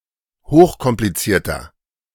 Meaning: inflection of hochkompliziert: 1. strong/mixed nominative masculine singular 2. strong genitive/dative feminine singular 3. strong genitive plural
- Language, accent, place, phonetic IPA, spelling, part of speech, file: German, Germany, Berlin, [ˈhoːxkɔmpliˌt͡siːɐ̯tɐ], hochkomplizierter, adjective, De-hochkomplizierter.ogg